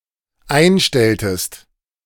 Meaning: inflection of einstellen: 1. second-person singular dependent preterite 2. second-person singular dependent subjunctive II
- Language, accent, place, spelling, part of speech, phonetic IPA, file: German, Germany, Berlin, einstelltest, verb, [ˈaɪ̯nˌʃtɛltəst], De-einstelltest.ogg